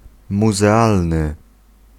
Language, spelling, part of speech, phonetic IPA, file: Polish, muzealny, adjective, [ˌmuzɛˈalnɨ], Pl-muzealny.ogg